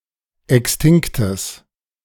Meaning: strong/mixed nominative/accusative neuter singular of extinkt
- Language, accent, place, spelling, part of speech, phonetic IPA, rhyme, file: German, Germany, Berlin, extinktes, adjective, [ˌɛksˈtɪŋktəs], -ɪŋktəs, De-extinktes.ogg